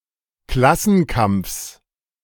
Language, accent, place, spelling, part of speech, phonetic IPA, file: German, Germany, Berlin, Klassenkampfs, noun, [ˈklasn̩ˌkamp͡fs], De-Klassenkampfs.ogg
- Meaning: genitive singular of Klassenkampf